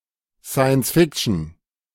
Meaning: science fiction
- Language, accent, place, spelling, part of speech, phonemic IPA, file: German, Germany, Berlin, Science-Fiction, noun, /ˌsaɪ̯.ənsˈfɪk.(t)ʃən/, De-Science-Fiction.ogg